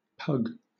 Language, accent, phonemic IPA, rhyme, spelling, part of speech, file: English, Southern England, /pʌɡ/, -ʌɡ, pug, noun / verb, LL-Q1860 (eng)-pug.wav